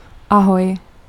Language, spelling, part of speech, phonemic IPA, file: Czech, ahoj, interjection, /aˈɦoj/, Cs-ahoj.oga
- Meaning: 1. hello, hi (informal greeting said when meeting someone) 2. bye (informal farewell)